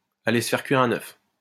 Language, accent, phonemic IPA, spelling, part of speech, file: French, France, /a.le s(ə) fɛʁ kɥi.ʁ‿œ̃.n‿œf/, aller se faire cuire un œuf, verb, LL-Q150 (fra)-aller se faire cuire un œuf.wav
- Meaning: to get lost, go to hell